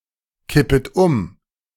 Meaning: second-person plural subjunctive I of umkippen
- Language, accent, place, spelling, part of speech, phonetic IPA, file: German, Germany, Berlin, kippet um, verb, [ˌkɪpət ˈʊm], De-kippet um.ogg